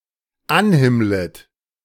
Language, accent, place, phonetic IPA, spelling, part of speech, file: German, Germany, Berlin, [ˈanˌhɪmlət], anhimmlet, verb, De-anhimmlet.ogg
- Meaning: second-person plural dependent subjunctive I of anhimmeln